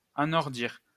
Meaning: to become northerly
- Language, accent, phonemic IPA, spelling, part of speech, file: French, France, /a.nɔʁ.diʁ/, anordir, verb, LL-Q150 (fra)-anordir.wav